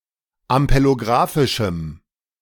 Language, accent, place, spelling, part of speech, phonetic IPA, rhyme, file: German, Germany, Berlin, ampelografischem, adjective, [ampeloˈɡʁaːfɪʃm̩], -aːfɪʃm̩, De-ampelografischem.ogg
- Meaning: strong dative masculine/neuter singular of ampelografisch